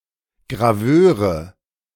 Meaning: nominative/accusative/genitive plural of Graveur
- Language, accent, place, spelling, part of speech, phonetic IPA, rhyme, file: German, Germany, Berlin, Graveure, noun, [ɡʁaˈvøːʁə], -øːʁə, De-Graveure.ogg